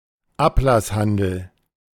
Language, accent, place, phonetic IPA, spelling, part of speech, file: German, Germany, Berlin, [ˈaplasˌhandl̩], Ablasshandel, noun, De-Ablasshandel.ogg
- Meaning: selling of indulgences